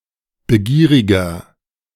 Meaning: 1. comparative degree of begierig 2. inflection of begierig: strong/mixed nominative masculine singular 3. inflection of begierig: strong genitive/dative feminine singular
- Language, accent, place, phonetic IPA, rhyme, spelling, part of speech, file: German, Germany, Berlin, [bəˈɡiːʁɪɡɐ], -iːʁɪɡɐ, begieriger, adjective, De-begieriger.ogg